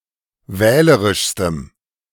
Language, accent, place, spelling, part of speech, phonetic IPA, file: German, Germany, Berlin, wählerischstem, adjective, [ˈvɛːləʁɪʃstəm], De-wählerischstem.ogg
- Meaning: strong dative masculine/neuter singular superlative degree of wählerisch